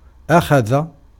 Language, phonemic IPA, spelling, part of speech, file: Arabic, /ʔa.xa.ða/, أخذ, verb, Ar-أخذ.ogg
- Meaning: 1. to take 2. to take along 3. to get, to receive, to obtain 4. to seize, to grab, to take hold 5. to capture, to seize, to take captive 6. to perceive, to notice